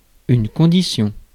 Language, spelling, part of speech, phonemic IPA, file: French, condition, noun, /kɔ̃.di.sjɔ̃/, Fr-condition.ogg
- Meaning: 1. term, condition 2. condition, state 3. social status, walk of life 4. conditions